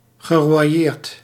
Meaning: past participle of royeren
- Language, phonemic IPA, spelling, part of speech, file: Dutch, /ɣəroˈjert/, geroyeerd, verb, Nl-geroyeerd.ogg